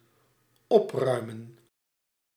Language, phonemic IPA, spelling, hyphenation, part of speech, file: Dutch, /ˈɔpˌrœy̯.mə(n)/, opruimen, op‧rui‧men, verb, Nl-opruimen.ogg
- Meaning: 1. to clean (something) up, 2. to tidy up, get in order 3. to clear away, eliminate, get rid of